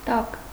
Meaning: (postposition) under, beneath, below; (noun) 1. bottom, lower part 2. buttocks, rear, fundament 3. root (of a plant) 4. beetroot, beet 5. race, offspring
- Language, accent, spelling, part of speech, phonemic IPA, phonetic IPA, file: Armenian, Eastern Armenian, տակ, postposition / noun, /tɑk/, [tɑk], Hy-տակ.ogg